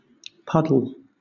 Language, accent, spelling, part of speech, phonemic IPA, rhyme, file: English, Southern England, puddle, noun / verb, /ˈpʌdəl/, -ʌdəl, LL-Q1860 (eng)-puddle.wav
- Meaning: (noun) 1. A small, often temporary, pool of water, usually on a path or road 2. Stagnant or polluted water